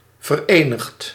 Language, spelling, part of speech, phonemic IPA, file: Dutch, verenigd, adjective / verb, /vərˈeːnɪxt/, Nl-verenigd.ogg
- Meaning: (adjective) united; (verb) past participle of verenigen